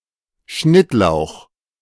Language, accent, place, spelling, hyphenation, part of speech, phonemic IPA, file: German, Germany, Berlin, Schnittlauch, Schnitt‧lauch, noun, /ˈʃnɪtˌlaʊ̯x/, De-Schnittlauch.ogg
- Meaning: 1. (Allium schoenoprasum) 2. chive (herb)